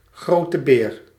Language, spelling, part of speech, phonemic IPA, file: Dutch, Grote Beer, proper noun, /ˈɣrotə ber/, Nl-Grote Beer.ogg
- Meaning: Ursa Major